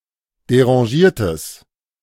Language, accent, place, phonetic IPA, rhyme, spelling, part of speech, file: German, Germany, Berlin, [deʁɑ̃ˈʒiːɐ̯təs], -iːɐ̯təs, derangiertes, adjective, De-derangiertes.ogg
- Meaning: strong/mixed nominative/accusative neuter singular of derangiert